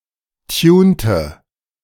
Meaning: inflection of tunen: 1. first/third-person singular preterite 2. first/third-person singular subjunctive II
- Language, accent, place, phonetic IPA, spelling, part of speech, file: German, Germany, Berlin, [ˈtjuːntə], tunte, verb, De-tunte.ogg